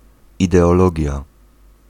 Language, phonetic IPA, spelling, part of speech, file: Polish, [ˌidɛɔˈlɔɟja], ideologia, noun, Pl-ideologia.ogg